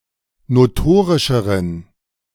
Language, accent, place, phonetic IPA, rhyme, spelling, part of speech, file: German, Germany, Berlin, [noˈtoːʁɪʃəʁən], -oːʁɪʃəʁən, notorischeren, adjective, De-notorischeren.ogg
- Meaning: inflection of notorisch: 1. strong genitive masculine/neuter singular comparative degree 2. weak/mixed genitive/dative all-gender singular comparative degree